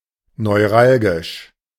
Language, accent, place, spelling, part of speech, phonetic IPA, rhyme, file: German, Germany, Berlin, neuralgisch, adjective, [nɔɪ̯ˈʁalɡɪʃ], -alɡɪʃ, De-neuralgisch.ogg
- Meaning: 1. neuralgic 2. critical, causing trouble